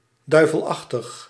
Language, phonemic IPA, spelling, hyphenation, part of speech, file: Dutch, /ˈdœy̯.vəlˌɑx.təx/, duivelachtig, dui‧vel‧ach‧tig, adjective, Nl-duivelachtig.ogg
- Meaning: malevolent